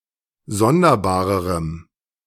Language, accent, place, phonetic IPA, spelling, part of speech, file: German, Germany, Berlin, [ˈzɔndɐˌbaːʁəʁəm], sonderbarerem, adjective, De-sonderbarerem.ogg
- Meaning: strong dative masculine/neuter singular comparative degree of sonderbar